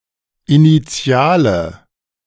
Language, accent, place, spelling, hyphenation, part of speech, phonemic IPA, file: German, Germany, Berlin, Initiale, Ini‧ti‧a‧le, noun, /iniˈt͡si̯aːlə/, De-Initiale.ogg
- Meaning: initial